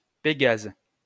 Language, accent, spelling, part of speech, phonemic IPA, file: French, France, Pégase, proper noun, /pe.ɡaz/, LL-Q150 (fra)-Pégase.wav
- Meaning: 1. Pegasus (mythical winged horse) 2. Pegasus (constellation)